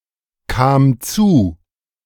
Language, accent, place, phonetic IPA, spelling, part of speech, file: German, Germany, Berlin, [kaːm ˈt͡suː], kam zu, verb, De-kam zu.ogg
- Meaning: first/third-person singular preterite of zukommen